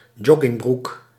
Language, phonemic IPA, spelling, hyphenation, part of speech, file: Dutch, /ˈdʒɔɡɪŋˌbruk/, joggingbroek, jog‧ging‧broek, noun, Nl-joggingbroek.ogg
- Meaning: sweatpants